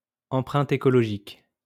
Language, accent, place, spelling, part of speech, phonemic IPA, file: French, France, Lyon, empreinte écologique, noun, /ɑ̃.pʁɛ̃t e.kɔ.lɔ.ʒik/, LL-Q150 (fra)-empreinte écologique.wav
- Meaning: ecological footprint